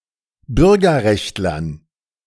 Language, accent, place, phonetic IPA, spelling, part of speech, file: German, Germany, Berlin, [ˈbʏʁɡɐˌʁɛçtlɐn], Bürgerrechtlern, noun, De-Bürgerrechtlern.ogg
- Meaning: dative plural of Bürgerrechtler